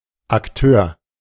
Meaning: 1. actor, player (participant) 2. actor (theatrical or film performer)
- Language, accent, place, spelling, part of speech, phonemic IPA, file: German, Germany, Berlin, Akteur, noun, /akˈtøːɐ̯/, De-Akteur.ogg